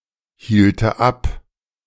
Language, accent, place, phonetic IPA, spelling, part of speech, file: German, Germany, Berlin, [ˌhiːltə ˈap], hielte ab, verb, De-hielte ab.ogg
- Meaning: first/third-person singular subjunctive II of abhalten